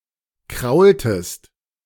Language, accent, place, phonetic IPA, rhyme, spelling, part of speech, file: German, Germany, Berlin, [ˈkʁaʊ̯ltəst], -aʊ̯ltəst, kraultest, verb, De-kraultest.ogg
- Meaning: inflection of kraulen: 1. second-person singular preterite 2. second-person singular subjunctive II